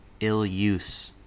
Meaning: Bad, cruel or unkind treatment
- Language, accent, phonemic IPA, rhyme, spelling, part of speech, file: English, US, /ɪlˈjuːs/, -uːs, ill-use, noun, En-us-ill use.ogg